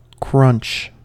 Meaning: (verb) 1. To crush something, especially food, with a noisy crackling sound 2. To be crushed with a noisy crackling sound
- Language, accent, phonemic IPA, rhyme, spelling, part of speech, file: English, US, /kɹʌnt͡ʃ/, -ʌntʃ, crunch, verb / noun, En-us-crunch.ogg